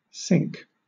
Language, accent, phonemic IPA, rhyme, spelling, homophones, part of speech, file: English, Southern England, /sɪŋk/, -ɪŋk, sync, sink / cinque / synch / zinc, noun / verb, LL-Q1860 (eng)-sync.wav
- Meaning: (noun) 1. Clipping of synchronization or synchrony 2. Harmony 3. A music synchronization license, allowing the music to be synchronized with visual media such as films